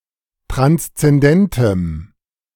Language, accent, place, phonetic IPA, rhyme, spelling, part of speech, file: German, Germany, Berlin, [ˌtʁanst͡sɛnˈdɛntəm], -ɛntəm, transzendentem, adjective, De-transzendentem.ogg
- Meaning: strong dative masculine/neuter singular of transzendent